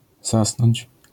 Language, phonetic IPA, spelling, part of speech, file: Polish, [ˈzasnɔ̃ɲt͡ɕ], zasnąć, verb, LL-Q809 (pol)-zasnąć.wav